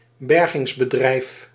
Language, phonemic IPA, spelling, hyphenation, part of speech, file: Dutch, /ˈbɛr.ɣɪŋs.bəˌdrɛi̯f/, bergingsbedrijf, ber‧gings‧be‧drijf, noun, Nl-bergingsbedrijf.ogg
- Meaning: nautical salvage business, rescue company, recovery company (for ships)